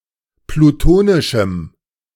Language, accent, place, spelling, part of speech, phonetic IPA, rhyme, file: German, Germany, Berlin, plutonischem, adjective, [pluˈtoːnɪʃm̩], -oːnɪʃm̩, De-plutonischem.ogg
- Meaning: strong dative masculine/neuter singular of plutonisch